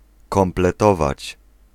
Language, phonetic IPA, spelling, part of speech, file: Polish, [ˌkɔ̃mplɛˈtɔvat͡ɕ], kompletować, verb, Pl-kompletować.ogg